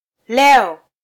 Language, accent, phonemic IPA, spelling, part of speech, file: Swahili, Kenya, /ˈlɛ.ɔ/, leo, adverb, Sw-ke-leo.flac
- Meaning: today